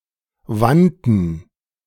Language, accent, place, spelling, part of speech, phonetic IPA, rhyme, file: German, Germany, Berlin, Wanten, noun, [ˈvantn̩], -antn̩, De-Wanten.ogg
- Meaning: plural of Want